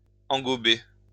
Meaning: to cover with engobe
- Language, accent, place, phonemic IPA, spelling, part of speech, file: French, France, Lyon, /ɑ̃.ɡɔ.be/, engober, verb, LL-Q150 (fra)-engober.wav